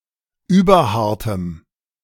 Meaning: strong dative masculine/neuter singular of überhart
- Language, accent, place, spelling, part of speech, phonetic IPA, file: German, Germany, Berlin, überhartem, adjective, [ˈyːbɐˌhaʁtəm], De-überhartem.ogg